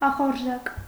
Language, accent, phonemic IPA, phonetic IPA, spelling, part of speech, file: Armenian, Eastern Armenian, /ɑχoɾˈʒɑk/, [ɑχoɾʒɑ́k], ախորժակ, noun, Hy-ախորժակ.ogg
- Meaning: 1. appetite 2. wish, desire